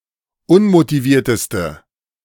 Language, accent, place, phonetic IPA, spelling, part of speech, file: German, Germany, Berlin, [ˈʊnmotiˌviːɐ̯təstə], unmotivierteste, adjective, De-unmotivierteste.ogg
- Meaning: inflection of unmotiviert: 1. strong/mixed nominative/accusative feminine singular superlative degree 2. strong nominative/accusative plural superlative degree